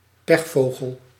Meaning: a human jinx, unlucky person, who seems to attract bad luck
- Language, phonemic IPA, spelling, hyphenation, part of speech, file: Dutch, /ˈpɛxfoɣəl/, pechvogel, pech‧vo‧gel, noun, Nl-pechvogel.ogg